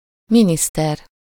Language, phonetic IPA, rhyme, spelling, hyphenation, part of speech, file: Hungarian, [ˈministɛr], -ɛr, miniszter, mi‧nisz‧ter, noun, Hu-miniszter.ogg
- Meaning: minister, secretary (politician who heads a ministry)